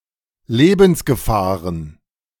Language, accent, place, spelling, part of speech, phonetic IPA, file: German, Germany, Berlin, Lebensgefahren, noun, [ˈleːbn̩sɡəˌfaːʁən], De-Lebensgefahren.ogg
- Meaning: plural of Lebensgefahr